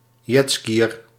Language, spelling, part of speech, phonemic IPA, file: Dutch, jetskiër, noun, /ˈdʒɛtskijər/, Nl-jetskiër.ogg
- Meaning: someone who jetskis